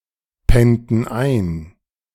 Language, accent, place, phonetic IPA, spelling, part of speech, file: German, Germany, Berlin, [ˌpɛntn̩ ˈaɪ̯n], pennten ein, verb, De-pennten ein.ogg
- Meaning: inflection of einpennen: 1. first/third-person plural preterite 2. first/third-person plural subjunctive II